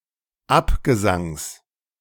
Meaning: genitive singular of Abgesang
- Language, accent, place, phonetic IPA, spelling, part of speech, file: German, Germany, Berlin, [ˈapɡəˌzaŋs], Abgesangs, noun, De-Abgesangs.ogg